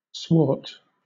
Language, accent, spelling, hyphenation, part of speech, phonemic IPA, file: English, Southern England, swart, swart, adjective / noun / verb, /ˈswɔːt/, LL-Q1860 (eng)-swart.wav
- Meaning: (adjective) 1. Of a dark hue; moderately black; swarthy; tawny 2. Black 3. Gloomy; malignant; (noun) Black or dark dyestuff; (verb) To make swart or tawny; blacken; tan